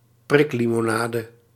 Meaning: fizzy drink, soft drink, soda (carbonated sweet drink)
- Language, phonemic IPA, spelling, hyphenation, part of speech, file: Dutch, /ˈprɪk.li.moːˌnaː.də/, priklimonade, prik‧li‧mo‧na‧de, noun, Nl-priklimonade.ogg